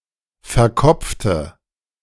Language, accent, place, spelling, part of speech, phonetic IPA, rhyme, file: German, Germany, Berlin, verkopfte, adjective / verb, [fɛɐ̯ˈkɔp͡ftə], -ɔp͡ftə, De-verkopfte.ogg
- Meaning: inflection of verkopft: 1. strong/mixed nominative/accusative feminine singular 2. strong nominative/accusative plural 3. weak nominative all-gender singular